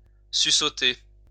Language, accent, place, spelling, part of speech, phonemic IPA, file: French, France, Lyon, suçoter, verb, /sy.sɔ.te/, LL-Q150 (fra)-suçoter.wav
- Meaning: to suck (out)